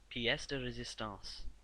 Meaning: 1. A masterpiece; the most memorable accomplishment of one’s career or lifetime 2. The chief dish at a dinner
- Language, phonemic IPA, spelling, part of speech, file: English, /piˈɛs də ɹəˈzɪs.tɑ̃s/, pièce de résistance, noun, Piecederesistance.ogg